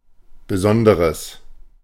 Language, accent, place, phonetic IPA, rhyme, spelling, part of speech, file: German, Germany, Berlin, [bəˈzɔndəʁəs], -ɔndəʁəs, besonderes, adjective, De-besonderes.ogg
- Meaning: strong/mixed nominative/accusative neuter singular of besondere